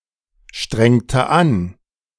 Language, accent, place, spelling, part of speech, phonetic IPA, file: German, Germany, Berlin, strengte an, verb, [ˌʃtʁɛŋtə ˈan], De-strengte an.ogg
- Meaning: inflection of anstrengen: 1. first/third-person singular preterite 2. first/third-person singular subjunctive II